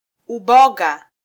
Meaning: alternative form of mboga
- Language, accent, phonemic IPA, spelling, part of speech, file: Swahili, Kenya, /uˈɓɔ.ɠɑ/, uboga, noun, Sw-ke-uboga.flac